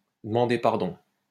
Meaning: 1. to ask for forgiveness, to apologise to 2. to beg (someone's) pardon (to enquire whether one has heard something right)
- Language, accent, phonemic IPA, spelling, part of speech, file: French, France, /də.mɑ̃.de paʁ.dɔ̃/, demander pardon, verb, LL-Q150 (fra)-demander pardon.wav